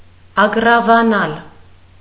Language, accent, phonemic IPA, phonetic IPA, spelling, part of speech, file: Armenian, Eastern Armenian, /ɑɡrɑvɑˈnɑl/, [ɑɡrɑvɑnɑ́l], ագռավանալ, verb, Hy-ագռավանալ.ogg
- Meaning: 1. to become black like a crow 2. to be ominous, ill-boding, sinister